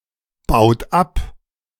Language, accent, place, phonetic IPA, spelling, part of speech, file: German, Germany, Berlin, [ˌbaʊ̯t ˈap], baut ab, verb, De-baut ab.ogg
- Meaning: inflection of abbauen: 1. third-person singular present 2. second-person plural present 3. plural imperative